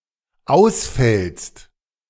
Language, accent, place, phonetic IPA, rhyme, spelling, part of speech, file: German, Germany, Berlin, [ˈaʊ̯sˌfɛlst], -aʊ̯sfɛlst, ausfällst, verb, De-ausfällst.ogg
- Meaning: second-person singular dependent present of ausfallen